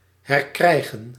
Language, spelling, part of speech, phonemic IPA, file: Dutch, herkrijgen, verb, /ɦɛrˈkrɛi̯ɣə(n)/, Nl-herkrijgen.ogg
- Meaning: to regain, to recover possession of